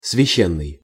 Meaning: sacred, holy
- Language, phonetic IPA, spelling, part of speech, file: Russian, [svʲɪˈɕːenːɨj], священный, adjective, Ru-священный.ogg